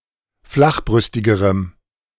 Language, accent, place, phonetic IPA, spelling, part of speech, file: German, Germany, Berlin, [ˈflaxˌbʁʏstɪɡəʁəm], flachbrüstigerem, adjective, De-flachbrüstigerem.ogg
- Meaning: strong dative masculine/neuter singular comparative degree of flachbrüstig